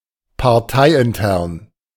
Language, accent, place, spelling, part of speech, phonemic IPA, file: German, Germany, Berlin, parteiintern, adjective, /paʁˈtaɪ̯ʔɪnˌtɛʁn/, De-parteiintern.ogg
- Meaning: internal to a political party